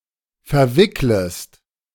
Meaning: second-person singular subjunctive I of verwickeln
- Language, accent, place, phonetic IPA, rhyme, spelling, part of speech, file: German, Germany, Berlin, [fɛɐ̯ˈvɪkləst], -ɪkləst, verwicklest, verb, De-verwicklest.ogg